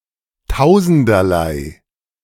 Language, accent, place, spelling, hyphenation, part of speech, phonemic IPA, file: German, Germany, Berlin, tausenderlei, tau‧sen‧der‧lei, adjective, /ˈtaʊ̯.zn̩.dɐ.laɪ̯/, De-tausenderlei.ogg
- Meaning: of many different types